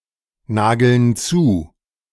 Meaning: 1. comparative degree of nagelneu 2. inflection of nagelneu: strong/mixed nominative masculine singular 3. inflection of nagelneu: strong genitive/dative feminine singular
- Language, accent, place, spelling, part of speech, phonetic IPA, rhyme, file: German, Germany, Berlin, nagelneuer, adjective, [ˈnaːɡl̩ˈnɔɪ̯ɐ], -ɔɪ̯ɐ, De-nagelneuer.ogg